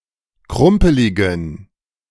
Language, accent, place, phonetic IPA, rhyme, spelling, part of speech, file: German, Germany, Berlin, [ˈkʁʊmpəlɪɡn̩], -ʊmpəlɪɡn̩, krumpeligen, adjective, De-krumpeligen.ogg
- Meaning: inflection of krumpelig: 1. strong genitive masculine/neuter singular 2. weak/mixed genitive/dative all-gender singular 3. strong/weak/mixed accusative masculine singular 4. strong dative plural